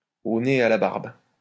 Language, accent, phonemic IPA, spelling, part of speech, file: French, France, /o ne e a la baʁb/, au nez et à la barbe, preposition, LL-Q150 (fra)-au nez et à la barbe.wav
- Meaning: right under someone's nose